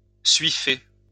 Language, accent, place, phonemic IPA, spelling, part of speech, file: French, France, Lyon, /sɥi.fe/, suifer, verb, LL-Q150 (fra)-suifer.wav
- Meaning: alternative form of suiffer